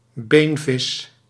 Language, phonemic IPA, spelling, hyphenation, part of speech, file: Dutch, /ˈbeːn.vɪs/, beenvis, been‧vis, noun, Nl-beenvis.ogg
- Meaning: a bony fish, any member of the superclass Osteichthyes; a fish whose skeleton contains bone